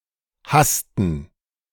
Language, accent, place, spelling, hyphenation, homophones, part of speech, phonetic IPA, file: German, Germany, Berlin, hassten, hass‧ten, hasten, verb, [ˈhastn̩], De-hassten.ogg
- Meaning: inflection of hassen: 1. first/third-person plural preterite 2. first/third-person plural subjunctive II